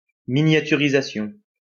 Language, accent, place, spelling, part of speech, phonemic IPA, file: French, France, Lyon, miniaturisation, noun, /mi.nja.ty.ʁi.za.sjɔ̃/, LL-Q150 (fra)-miniaturisation.wav
- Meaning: miniaturization (act or process of miniaturizing)